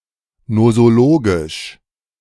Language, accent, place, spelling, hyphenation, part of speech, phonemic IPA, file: German, Germany, Berlin, nosologisch, no‧so‧lo‧gisch, adjective, /nozoˈloːɡɪʃ/, De-nosologisch.ogg
- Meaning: nosologic